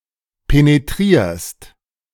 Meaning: second-person singular present of penetrieren
- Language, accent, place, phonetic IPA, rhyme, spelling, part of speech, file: German, Germany, Berlin, [peneˈtʁiːɐ̯st], -iːɐ̯st, penetrierst, verb, De-penetrierst.ogg